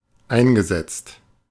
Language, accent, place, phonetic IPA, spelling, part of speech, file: German, Germany, Berlin, [ˈaɪ̯nɡəˌzɛt͡st], eingesetzt, verb, De-eingesetzt.ogg
- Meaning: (verb) past participle of einsetzen; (adjective) used, introduced, deployed, applied